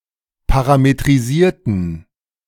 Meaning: inflection of parametrisieren: 1. first/third-person plural preterite 2. first/third-person plural subjunctive II
- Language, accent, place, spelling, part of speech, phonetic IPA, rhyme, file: German, Germany, Berlin, parametrisierten, adjective / verb, [ˌpaʁametʁiˈziːɐ̯tn̩], -iːɐ̯tn̩, De-parametrisierten.ogg